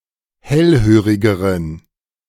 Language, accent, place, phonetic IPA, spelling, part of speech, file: German, Germany, Berlin, [ˈhɛlˌhøːʁɪɡəʁən], hellhörigeren, adjective, De-hellhörigeren.ogg
- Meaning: inflection of hellhörig: 1. strong genitive masculine/neuter singular comparative degree 2. weak/mixed genitive/dative all-gender singular comparative degree